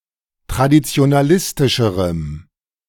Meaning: strong dative masculine/neuter singular comparative degree of traditionalistisch
- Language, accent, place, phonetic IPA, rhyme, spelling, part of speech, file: German, Germany, Berlin, [tʁadit͡si̯onaˈlɪstɪʃəʁəm], -ɪstɪʃəʁəm, traditionalistischerem, adjective, De-traditionalistischerem.ogg